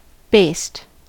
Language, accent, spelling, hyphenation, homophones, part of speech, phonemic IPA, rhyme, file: English, US, based, based, baste, adjective / verb / interjection, /beɪst/, -eɪst, En-us-based.ogg
- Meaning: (adjective) Founded on; having a basis; often used in combining forms; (verb) simple past and past participle of base: 1. Being derived from (usually followed by on or upon) 2. Having a base